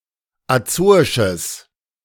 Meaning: strong/mixed nominative/accusative neuter singular of azoisch
- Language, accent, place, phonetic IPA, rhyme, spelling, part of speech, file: German, Germany, Berlin, [aˈt͡soːɪʃəs], -oːɪʃəs, azoisches, adjective, De-azoisches.ogg